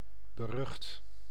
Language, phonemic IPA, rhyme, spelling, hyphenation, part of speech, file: Dutch, /bəˈrʏxt/, -ʏxt, berucht, be‧rucht, adjective, Nl-berucht.ogg
- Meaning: notorious, infamous